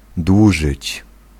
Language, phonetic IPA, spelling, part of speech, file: Polish, [ˈdwuʒɨt͡ɕ], dłużyć, verb, Pl-dłużyć.ogg